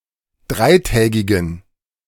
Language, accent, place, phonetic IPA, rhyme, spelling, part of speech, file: German, Germany, Berlin, [ˈdʁaɪ̯ˌtɛːɡɪɡn̩], -aɪ̯tɛːɡɪɡn̩, dreitägigen, adjective, De-dreitägigen.ogg
- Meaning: inflection of dreitägig: 1. strong genitive masculine/neuter singular 2. weak/mixed genitive/dative all-gender singular 3. strong/weak/mixed accusative masculine singular 4. strong dative plural